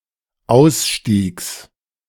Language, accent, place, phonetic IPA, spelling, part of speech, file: German, Germany, Berlin, [ˈaʊ̯sˌʃtiːks], Ausstiegs, noun, De-Ausstiegs.ogg
- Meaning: genitive singular of Ausstieg